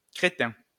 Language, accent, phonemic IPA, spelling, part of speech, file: French, France, /kʁe.tɛ̃/, crétin, noun / adjective, LL-Q150 (fra)-crétin.wav
- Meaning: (noun) 1. cretin (someone affected by cretinism) 2. cretin (moron; idiot etc.); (adjective) cretinous (stupid; idiotic etc.)